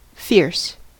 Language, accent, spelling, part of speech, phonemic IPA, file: English, US, fierce, adjective / adverb, /fɪɹs/, En-us-fierce.ogg
- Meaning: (adjective) 1. Exceedingly violent, severe, ferocious, cruel or savage 2. Resolute or strenuously active 3. Threatening in appearance or demeanor 4. Excellent, very good